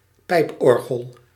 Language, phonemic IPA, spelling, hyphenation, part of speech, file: Dutch, /ˈpɛi̯pˌɔr.ɣəl/, pijporgel, pijp‧or‧gel, noun, Nl-pijporgel.ogg
- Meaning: pipe organ